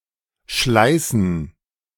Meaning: to tear, to split, to peel
- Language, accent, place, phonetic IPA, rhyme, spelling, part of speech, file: German, Germany, Berlin, [ˈʃlaɪ̯sn̩], -aɪ̯sn̩, schleißen, verb, De-schleißen.ogg